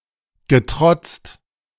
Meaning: past participle of trotzen
- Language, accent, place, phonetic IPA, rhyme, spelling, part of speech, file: German, Germany, Berlin, [ɡəˈtʁɔt͡st], -ɔt͡st, getrotzt, verb, De-getrotzt.ogg